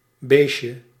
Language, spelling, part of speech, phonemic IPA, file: Dutch, beestje, noun, /ˈbeʃə/, Nl-beestje.ogg
- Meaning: diminutive of beest